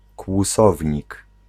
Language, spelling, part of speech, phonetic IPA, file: Polish, kłusownik, noun, [kwuˈsɔvʲɲik], Pl-kłusownik.ogg